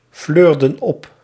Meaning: inflection of opfleuren: 1. plural past indicative 2. plural past subjunctive
- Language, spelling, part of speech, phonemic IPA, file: Dutch, fleurden op, verb, /ˈflørdə(n) ˈɔp/, Nl-fleurden op.ogg